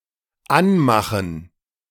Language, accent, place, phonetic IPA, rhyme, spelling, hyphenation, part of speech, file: German, Germany, Berlin, [ˈanˌmaxn̩], -anmaxn̩, Anmachen, An‧ma‧chen, noun, De-Anmachen.ogg
- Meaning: gerund of anmachen